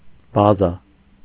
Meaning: 1. base (permanent structure for housing military) 2. basis, foundation 3. store, warehouse, depot
- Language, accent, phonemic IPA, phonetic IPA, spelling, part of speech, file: Armenian, Eastern Armenian, /bɑˈzɑ/, [bɑzɑ́], բազա, noun, Hy-բազա.ogg